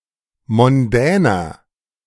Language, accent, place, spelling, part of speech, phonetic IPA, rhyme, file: German, Germany, Berlin, mondäner, adjective, [mɔnˈdɛːnɐ], -ɛːnɐ, De-mondäner.ogg
- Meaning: 1. comparative degree of mondän 2. inflection of mondän: strong/mixed nominative masculine singular 3. inflection of mondän: strong genitive/dative feminine singular